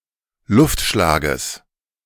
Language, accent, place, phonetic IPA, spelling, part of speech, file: German, Germany, Berlin, [ˈlʊftˌʃlaːɡəs], Luftschlages, noun, De-Luftschlages.ogg
- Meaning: genitive of Luftschlag